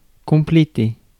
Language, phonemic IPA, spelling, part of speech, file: French, /kɔ̃.ple.te/, compléter, verb, Fr-compléter.ogg
- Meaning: to complete